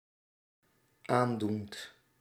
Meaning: present participle of aandoen
- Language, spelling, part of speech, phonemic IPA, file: Dutch, aandoend, verb, /ˈandunt/, Nl-aandoend.ogg